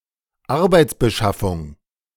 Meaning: job creation, job provision
- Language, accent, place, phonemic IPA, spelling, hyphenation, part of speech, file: German, Germany, Berlin, /ˈaʁbaɪ̯t͡sbəˌʃafʊŋ/, Arbeitsbeschaffung, Ar‧beits‧be‧schaf‧fung, noun, De-Arbeitsbeschaffung.ogg